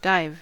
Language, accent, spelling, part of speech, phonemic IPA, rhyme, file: English, US, dive, verb / noun, /daɪv/, -aɪv, En-us-dive.ogg
- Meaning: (verb) 1. To swim under water 2. To jump into water head-first 3. To jump headfirst toward the ground or into another substance 4. To descend sharply or steeply